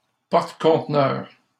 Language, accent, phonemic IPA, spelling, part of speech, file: French, Canada, /pɔʁ.t(ə).kɔ̃t.nœʁ/, porte-conteneur, noun, LL-Q150 (fra)-porte-conteneur.wav
- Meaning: container ship